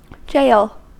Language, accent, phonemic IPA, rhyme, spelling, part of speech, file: English, US, /d͡ʒeɪl/, -eɪl, jail, noun / verb, En-us-jail.ogg